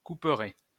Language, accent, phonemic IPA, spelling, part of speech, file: French, France, /ku.pʁɛ/, couperet, noun, LL-Q150 (fra)-couperet.wav
- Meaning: 1. cleaver, butchers' knife; (figurative) axe 2. knockout (match)